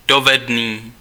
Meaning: skilled, competent, able, proficient, skillful
- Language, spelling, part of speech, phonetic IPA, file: Czech, dovedný, adjective, [ˈdovɛdniː], Cs-dovedný.ogg